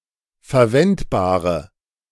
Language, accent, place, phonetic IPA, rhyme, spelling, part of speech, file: German, Germany, Berlin, [fɛɐ̯ˈvɛntbaːʁə], -ɛntbaːʁə, verwendbare, adjective, De-verwendbare.ogg
- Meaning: inflection of verwendbar: 1. strong/mixed nominative/accusative feminine singular 2. strong nominative/accusative plural 3. weak nominative all-gender singular